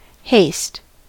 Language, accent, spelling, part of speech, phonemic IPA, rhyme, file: English, US, haste, noun / verb, /heɪst/, -eɪst, En-us-haste.ogg
- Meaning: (noun) 1. Speed; swiftness; dispatch 2. Urgency; sudden excitement of feeling or passion; precipitance; vehemence; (verb) 1. To urge onward; to hasten 2. To move with haste